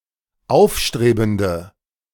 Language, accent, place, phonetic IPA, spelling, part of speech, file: German, Germany, Berlin, [ˈaʊ̯fˌʃtʁeːbn̩də], aufstrebende, adjective, De-aufstrebende.ogg
- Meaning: inflection of aufstrebend: 1. strong/mixed nominative/accusative feminine singular 2. strong nominative/accusative plural 3. weak nominative all-gender singular